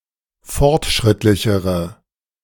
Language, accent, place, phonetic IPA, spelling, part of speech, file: German, Germany, Berlin, [ˈfɔʁtˌʃʁɪtlɪçəʁə], fortschrittlichere, adjective, De-fortschrittlichere.ogg
- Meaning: inflection of fortschrittlich: 1. strong/mixed nominative/accusative feminine singular comparative degree 2. strong nominative/accusative plural comparative degree